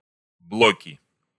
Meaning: nominative/accusative plural of блок (blok)
- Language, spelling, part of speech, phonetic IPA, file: Russian, блоки, noun, [ˈbɫokʲɪ], Ru-блоки.ogg